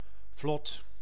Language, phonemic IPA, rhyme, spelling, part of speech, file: Dutch, /vlɔt/, -ɔt, vlot, adjective / noun / verb, Nl-vlot.ogg
- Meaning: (adjective) 1. smooth, easy 2. quick, fast; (noun) raft; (verb) inflection of vlotten: 1. first/second/third-person singular present indicative 2. imperative